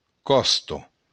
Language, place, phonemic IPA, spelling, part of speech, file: Occitan, Béarn, /ˈkɔsto/, còsta, noun, LL-Q14185 (oci)-còsta.wav
- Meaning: 1. coast 2. rib (any of a series of long curved bones occurring in 12 pairs in humans and other animals)